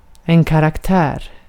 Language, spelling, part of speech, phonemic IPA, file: Swedish, karaktär, noun, /karakˈtɛːr/, Sv-karaktär.ogg
- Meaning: a character